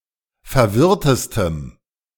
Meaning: strong dative masculine/neuter singular superlative degree of verwirrt
- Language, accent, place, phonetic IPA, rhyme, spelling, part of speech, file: German, Germany, Berlin, [fɛɐ̯ˈvɪʁtəstəm], -ɪʁtəstəm, verwirrtestem, adjective, De-verwirrtestem.ogg